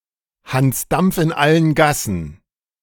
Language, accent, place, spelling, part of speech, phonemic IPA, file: German, Germany, Berlin, Hans Dampf in allen Gassen, noun, /hans ˈdampf ɪn ˈalən ˈɡasən/, De-Hans Dampf in allen Gassen.ogg
- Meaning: jack of all trades (talented and versatile person who is involved in many endeavours, implying initiative and great activity, but possibly also a certain rashness or recklessness)